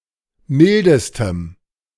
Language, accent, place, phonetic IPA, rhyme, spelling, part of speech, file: German, Germany, Berlin, [ˈmɪldəstəm], -ɪldəstəm, mildestem, adjective, De-mildestem.ogg
- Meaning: strong dative masculine/neuter singular superlative degree of mild